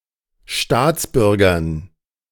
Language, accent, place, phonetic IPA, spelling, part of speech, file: German, Germany, Berlin, [ˈʃtaːt͡sˌbʏʁɡɐn], Staatsbürgern, noun, De-Staatsbürgern.ogg
- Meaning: dative plural of Staatsbürger